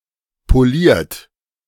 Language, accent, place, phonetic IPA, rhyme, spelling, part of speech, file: German, Germany, Berlin, [poˈliːɐ̯t], -iːɐ̯t, poliert, adjective / verb, De-poliert.ogg
- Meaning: 1. past participle of polieren 2. inflection of polieren: third-person singular present 3. inflection of polieren: second-person plural present 4. inflection of polieren: plural imperative